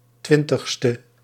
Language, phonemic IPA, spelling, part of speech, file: Dutch, /ˈtwɪntəxstə/, 20ste, adjective, Nl-20ste.ogg
- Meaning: abbreviation of twintigste